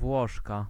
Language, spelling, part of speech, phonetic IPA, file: Polish, Włoszka, noun, [ˈvwɔʃka], Pl-Włoszka.ogg